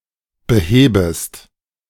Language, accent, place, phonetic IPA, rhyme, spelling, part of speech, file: German, Germany, Berlin, [bəˈheːbəst], -eːbəst, behebest, verb, De-behebest.ogg
- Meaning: second-person singular subjunctive I of beheben